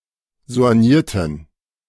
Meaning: inflection of soigniert: 1. strong genitive masculine/neuter singular 2. weak/mixed genitive/dative all-gender singular 3. strong/weak/mixed accusative masculine singular 4. strong dative plural
- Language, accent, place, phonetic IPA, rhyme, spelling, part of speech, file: German, Germany, Berlin, [zo̯anˈjiːɐ̯tn̩], -iːɐ̯tn̩, soignierten, adjective, De-soignierten.ogg